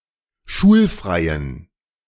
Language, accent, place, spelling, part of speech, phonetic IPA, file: German, Germany, Berlin, schulfreien, adjective, [ˈʃuːlˌfʁaɪ̯ən], De-schulfreien.ogg
- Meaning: inflection of schulfrei: 1. strong genitive masculine/neuter singular 2. weak/mixed genitive/dative all-gender singular 3. strong/weak/mixed accusative masculine singular 4. strong dative plural